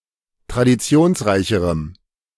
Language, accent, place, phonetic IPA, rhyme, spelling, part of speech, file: German, Germany, Berlin, [tʁadiˈt͡si̯oːnsˌʁaɪ̯çəʁəm], -oːnsʁaɪ̯çəʁəm, traditionsreicherem, adjective, De-traditionsreicherem.ogg
- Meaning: strong dative masculine/neuter singular comparative degree of traditionsreich